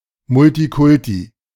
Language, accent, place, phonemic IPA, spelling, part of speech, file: German, Germany, Berlin, /ˈmʊltiˌkʊlti/, Multikulti, noun, De-Multikulti.ogg
- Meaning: multiculturalism